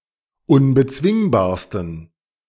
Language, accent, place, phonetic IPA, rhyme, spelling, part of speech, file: German, Germany, Berlin, [ʊnbəˈt͡svɪŋbaːɐ̯stn̩], -ɪŋbaːɐ̯stn̩, unbezwingbarsten, adjective, De-unbezwingbarsten.ogg
- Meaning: 1. superlative degree of unbezwingbar 2. inflection of unbezwingbar: strong genitive masculine/neuter singular superlative degree